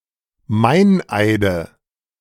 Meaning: nominative/accusative/genitive plural of Meineid
- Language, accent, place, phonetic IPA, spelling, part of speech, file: German, Germany, Berlin, [ˈmaɪ̯nˌʔaɪ̯də], Meineide, noun, De-Meineide.ogg